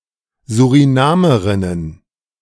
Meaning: plural of Surinamerin
- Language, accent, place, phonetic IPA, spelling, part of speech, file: German, Germany, Berlin, [zuʁiˈnaːməʁɪnən], Surinamerinnen, noun, De-Surinamerinnen.ogg